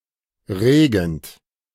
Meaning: present participle of regen
- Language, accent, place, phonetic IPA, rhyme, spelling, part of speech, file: German, Germany, Berlin, [ˈʁeːɡn̩t], -eːɡn̩t, regend, verb, De-regend.ogg